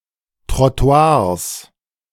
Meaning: plural of Trottoir
- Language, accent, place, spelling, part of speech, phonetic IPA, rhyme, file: German, Germany, Berlin, Trottoirs, noun, [tʁɔˈto̯aːɐ̯s], -aːɐ̯s, De-Trottoirs.ogg